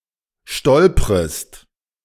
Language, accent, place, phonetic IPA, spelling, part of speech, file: German, Germany, Berlin, [ˈʃtɔlpʁəst], stolprest, verb, De-stolprest.ogg
- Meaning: second-person singular subjunctive I of stolpern